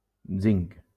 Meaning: zinc
- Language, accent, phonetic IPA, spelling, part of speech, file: Catalan, Valencia, [ˈziŋk], zinc, noun, LL-Q7026 (cat)-zinc.wav